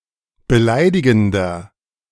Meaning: inflection of beleidigend: 1. strong/mixed nominative masculine singular 2. strong genitive/dative feminine singular 3. strong genitive plural
- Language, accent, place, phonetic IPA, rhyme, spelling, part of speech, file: German, Germany, Berlin, [bəˈlaɪ̯dɪɡn̩dɐ], -aɪ̯dɪɡn̩dɐ, beleidigender, adjective, De-beleidigender.ogg